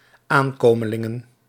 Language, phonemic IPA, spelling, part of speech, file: Dutch, /ˈaŋkoməˌlɪŋə(n)/, aankomelingen, noun, Nl-aankomelingen.ogg
- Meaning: plural of aankomeling